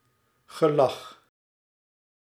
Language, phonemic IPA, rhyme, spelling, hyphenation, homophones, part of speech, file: Dutch, /ɣəˈlɑx/, -ɑx, gelach, ge‧lach, gelag, noun, Nl-gelach.ogg
- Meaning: laughter (sound (as) of laughing)